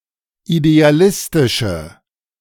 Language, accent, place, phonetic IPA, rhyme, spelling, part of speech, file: German, Germany, Berlin, [ideaˈlɪstɪʃə], -ɪstɪʃə, idealistische, adjective, De-idealistische.ogg
- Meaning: inflection of idealistisch: 1. strong/mixed nominative/accusative feminine singular 2. strong nominative/accusative plural 3. weak nominative all-gender singular